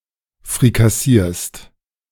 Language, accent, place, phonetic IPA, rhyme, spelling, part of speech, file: German, Germany, Berlin, [fʁikaˈsiːɐ̯st], -iːɐ̯st, frikassierst, verb, De-frikassierst.ogg
- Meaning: second-person singular present of frikassieren